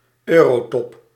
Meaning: summit of the heads of government of the European Union or the Eurozone
- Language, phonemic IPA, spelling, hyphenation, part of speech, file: Dutch, /ˈøː.roːˌtɔp/, eurotop, eu‧ro‧top, noun, Nl-eurotop.ogg